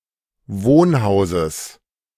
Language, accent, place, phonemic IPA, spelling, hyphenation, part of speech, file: German, Germany, Berlin, /ˈvoːnˌhaʊ̯zəs/, Wohnhauses, Wohn‧hau‧ses, noun, De-Wohnhauses.ogg
- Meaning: genitive singular of Wohnhaus